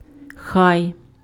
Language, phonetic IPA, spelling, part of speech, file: Ukrainian, [xai̯], хай, particle, Uk-хай.ogg
- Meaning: let + subject + conjugated verb